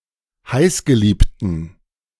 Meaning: inflection of heißgeliebt: 1. strong genitive masculine/neuter singular 2. weak/mixed genitive/dative all-gender singular 3. strong/weak/mixed accusative masculine singular 4. strong dative plural
- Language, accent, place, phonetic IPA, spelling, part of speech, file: German, Germany, Berlin, [ˈhaɪ̯sɡəˌliːptn̩], heißgeliebten, adjective, De-heißgeliebten.ogg